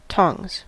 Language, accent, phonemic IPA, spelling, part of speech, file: English, US, /tɔŋz/, tongs, noun / verb, En-us-tongs.ogg